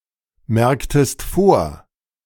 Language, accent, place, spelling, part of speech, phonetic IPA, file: German, Germany, Berlin, merktest vor, verb, [ˌmɛʁktəst ˈfoːɐ̯], De-merktest vor.ogg
- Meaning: inflection of vormerken: 1. second-person singular preterite 2. second-person singular subjunctive II